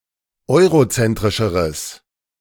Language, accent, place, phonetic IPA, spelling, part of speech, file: German, Germany, Berlin, [ˈɔɪ̯ʁoˌt͡sɛntʁɪʃəʁəs], eurozentrischeres, adjective, De-eurozentrischeres.ogg
- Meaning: strong/mixed nominative/accusative neuter singular comparative degree of eurozentrisch